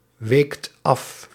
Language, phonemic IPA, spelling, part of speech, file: Dutch, /ˈwekt ˈɑf/, weekt af, verb, Nl-weekt af.ogg
- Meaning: second-person (gij) singular past indicative of afwijken